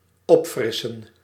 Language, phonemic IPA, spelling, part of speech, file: Dutch, /ˈɔpfrɪsə(n)/, opfrissen, verb, Nl-opfrissen.ogg
- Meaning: to freshen up, to wash up